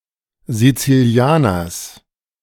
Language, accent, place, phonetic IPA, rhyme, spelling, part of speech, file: German, Germany, Berlin, [zit͡siˈli̯aːnɐs], -aːnɐs, Sizilianers, noun, De-Sizilianers.ogg
- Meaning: genitive singular of Sizilianer